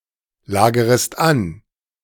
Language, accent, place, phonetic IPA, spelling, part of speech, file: German, Germany, Berlin, [ˌlaːɡəʁəst ˈan], lagerest an, verb, De-lagerest an.ogg
- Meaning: second-person singular subjunctive I of anlagern